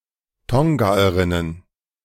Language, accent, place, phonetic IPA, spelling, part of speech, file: German, Germany, Berlin, [ˈtɔŋɡaːəʁɪnən], Tongaerinnen, noun, De-Tongaerinnen.ogg
- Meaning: plural of Tongaerin